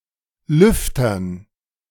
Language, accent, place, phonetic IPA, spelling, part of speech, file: German, Germany, Berlin, [ˈlʏftɐn], Lüftern, noun, De-Lüftern.ogg
- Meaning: dative plural of Lüfter